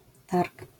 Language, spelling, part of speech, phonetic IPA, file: Polish, targ, noun, [tark], LL-Q809 (pol)-targ.wav